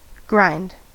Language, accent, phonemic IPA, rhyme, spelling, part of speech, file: English, US, /ˈɡɹaɪnd/, -aɪnd, grind, verb / noun, En-us-grind.ogg
- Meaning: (verb) 1. To reduce to smaller pieces by crushing with lateral motion 2. To shape with the force of friction 3. To remove material by rubbing with an abrasive surface